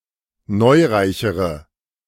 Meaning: inflection of neureich: 1. strong/mixed nominative/accusative feminine singular comparative degree 2. strong nominative/accusative plural comparative degree
- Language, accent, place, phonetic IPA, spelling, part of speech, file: German, Germany, Berlin, [ˈnɔɪ̯ˌʁaɪ̯çəʁə], neureichere, adjective, De-neureichere.ogg